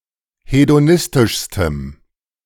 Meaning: strong dative masculine/neuter singular superlative degree of hedonistisch
- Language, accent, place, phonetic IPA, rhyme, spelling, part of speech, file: German, Germany, Berlin, [hedoˈnɪstɪʃstəm], -ɪstɪʃstəm, hedonistischstem, adjective, De-hedonistischstem.ogg